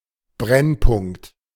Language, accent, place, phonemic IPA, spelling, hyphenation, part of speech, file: German, Germany, Berlin, /ˈbʁɛnˌpʊŋkt/, Brennpunkt, Brenn‧punkt, noun, De-Brennpunkt.ogg
- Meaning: 1. focus, focal point (point at which reflected or refracted rays of light converge) 2. focus (point of a conic at which rays reflected from a curve or surface converge) 3. focus